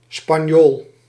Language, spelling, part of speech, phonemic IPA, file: Dutch, spanjool, noun, /spɑˈɲol/, Nl-spanjool.ogg
- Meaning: Spaniard